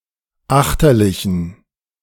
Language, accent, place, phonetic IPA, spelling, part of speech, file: German, Germany, Berlin, [ˈaxtɐlɪçn̩], achterlichen, adjective, De-achterlichen.ogg
- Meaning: inflection of achterlich: 1. strong genitive masculine/neuter singular 2. weak/mixed genitive/dative all-gender singular 3. strong/weak/mixed accusative masculine singular 4. strong dative plural